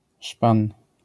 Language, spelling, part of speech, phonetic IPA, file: Polish, szpan, noun, [ʃpãn], LL-Q809 (pol)-szpan.wav